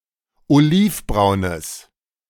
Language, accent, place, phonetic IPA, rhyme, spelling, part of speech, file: German, Germany, Berlin, [oˈliːfˌbʁaʊ̯nəs], -iːfbʁaʊ̯nəs, olivbraunes, adjective, De-olivbraunes.ogg
- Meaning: strong/mixed nominative/accusative neuter singular of olivbraun